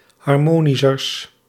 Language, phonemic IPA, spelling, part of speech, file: Dutch, /ɦɑrˈmoːnisərs/, harmonischers, adjective, Nl-harmonischers.ogg
- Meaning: partitive of harmonischer, the comparative degree of harmonisch